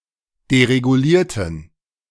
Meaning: inflection of deregulieren: 1. first/third-person plural preterite 2. first/third-person plural subjunctive II
- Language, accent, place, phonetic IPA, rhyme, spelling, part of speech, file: German, Germany, Berlin, [deʁeɡuˈliːɐ̯tn̩], -iːɐ̯tn̩, deregulierten, adjective / verb, De-deregulierten.ogg